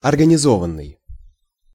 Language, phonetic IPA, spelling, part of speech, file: Russian, [ɐrɡənʲɪˈzovən(ː)ɨj], организованный, verb / adjective, Ru-организованный.ogg
- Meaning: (verb) past passive perfective participle of организова́ть (organizovátʹ); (adjective) organized